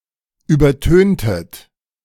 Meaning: inflection of übertönen: 1. second-person plural preterite 2. second-person plural subjunctive II
- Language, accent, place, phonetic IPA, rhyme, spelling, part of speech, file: German, Germany, Berlin, [ˌyːbɐˈtøːntət], -øːntət, übertöntet, verb, De-übertöntet.ogg